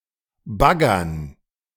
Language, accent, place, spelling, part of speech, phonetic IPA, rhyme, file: German, Germany, Berlin, Baggern, noun, [ˈbaɡɐn], -aɡɐn, De-Baggern.ogg
- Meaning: 1. dative plural of Bagger 2. gerund of baggern